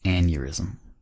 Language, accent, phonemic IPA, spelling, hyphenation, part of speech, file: English, US, /ˈæn.jəɹ.ɪz.əm/, aneurysm, an‧eur‧ys‧m, noun, En-us-aneurysm.ogg
- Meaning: An abnormal blood-filled swelling of an artery or vein, resulting from a localized weakness in the wall of the vessel